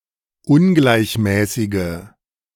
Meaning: inflection of ungleichmäßig: 1. strong/mixed nominative/accusative feminine singular 2. strong nominative/accusative plural 3. weak nominative all-gender singular
- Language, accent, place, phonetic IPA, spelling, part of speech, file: German, Germany, Berlin, [ˈʊnɡlaɪ̯çˌmɛːsɪɡə], ungleichmäßige, adjective, De-ungleichmäßige.ogg